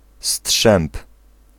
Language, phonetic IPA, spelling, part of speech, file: Polish, [sṭʃɛ̃mp], strzęp, noun / verb, Pl-strzęp.ogg